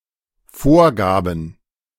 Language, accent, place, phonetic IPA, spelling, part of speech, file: German, Germany, Berlin, [ˈfoːɐ̯ˌɡaːbn̩], vorgaben, verb, De-vorgaben.ogg
- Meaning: first/third-person plural dependent preterite of vorgeben